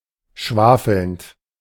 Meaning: present participle of schwafeln
- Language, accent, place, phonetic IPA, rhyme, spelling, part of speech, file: German, Germany, Berlin, [ˈʃvaːfl̩nt], -aːfl̩nt, schwafelnd, verb, De-schwafelnd.ogg